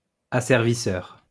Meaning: enslaver
- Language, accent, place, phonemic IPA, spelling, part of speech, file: French, France, Lyon, /a.sɛʁ.vi.sœʁ/, asservisseur, noun, LL-Q150 (fra)-asservisseur.wav